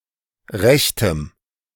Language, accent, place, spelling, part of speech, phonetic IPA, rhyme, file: German, Germany, Berlin, rechtem, adjective, [ˈʁɛçtəm], -ɛçtəm, De-rechtem.ogg
- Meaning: strong dative masculine/neuter singular of recht